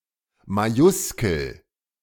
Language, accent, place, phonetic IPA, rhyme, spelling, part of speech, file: German, Germany, Berlin, [maˈjʊskl̩], -ʊskl̩, Majuskel, noun, De-Majuskel.ogg
- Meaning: majuscule, capital letter